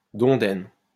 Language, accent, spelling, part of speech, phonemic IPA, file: French, France, dondaine, noun, /dɔ̃.dɛn/, LL-Q150 (fra)-dondaine.wav
- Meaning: quarrel (bolt from a crossbow)